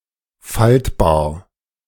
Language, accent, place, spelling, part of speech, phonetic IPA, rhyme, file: German, Germany, Berlin, faltbar, adjective, [ˈfaltbaːɐ̯], -altbaːɐ̯, De-faltbar.ogg
- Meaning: foldable